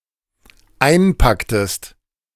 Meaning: inflection of einpacken: 1. second-person singular dependent preterite 2. second-person singular dependent subjunctive II
- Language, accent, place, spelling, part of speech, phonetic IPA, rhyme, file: German, Germany, Berlin, einpacktest, verb, [ˈaɪ̯nˌpaktəst], -aɪ̯npaktəst, De-einpacktest.ogg